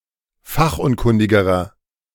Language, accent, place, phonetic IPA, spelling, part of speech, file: German, Germany, Berlin, [ˈfaxʔʊnˌkʊndɪɡəʁɐ], fachunkundigerer, adjective, De-fachunkundigerer.ogg
- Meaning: inflection of fachunkundig: 1. strong/mixed nominative masculine singular comparative degree 2. strong genitive/dative feminine singular comparative degree 3. strong genitive plural comparative degree